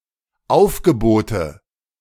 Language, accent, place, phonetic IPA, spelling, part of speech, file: German, Germany, Berlin, [ˈaʊ̯fɡəˌboːtə], Aufgebote, noun, De-Aufgebote.ogg
- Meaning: nominative/accusative/genitive plural of Aufgebot